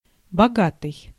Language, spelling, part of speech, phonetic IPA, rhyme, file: Russian, богатый, adjective, [bɐˈɡatɨj], -atɨj, Ru-богатый.ogg
- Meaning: rich, wealthy